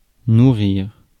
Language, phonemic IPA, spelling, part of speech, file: French, /nu.ʁiʁ/, nourrir, verb, Fr-nourrir.ogg
- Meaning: 1. to feed (provide with nourishment), nourish 2. to nurture, to fuel 3. to eat, to feed oneself